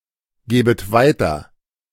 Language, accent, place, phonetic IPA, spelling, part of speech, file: German, Germany, Berlin, [ˌɡeːbət ˈvaɪ̯tɐ], gebet weiter, verb, De-gebet weiter.ogg
- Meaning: second-person plural subjunctive I of weitergeben